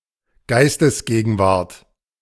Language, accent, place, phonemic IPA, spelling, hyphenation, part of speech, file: German, Germany, Berlin, /ˈɡaɪ̯stəsˌɡeːɡn̩vaʁt/, Geistesgegenwart, Geis‧tes‧ge‧gen‧wart, noun, De-Geistesgegenwart.ogg
- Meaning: presence of mind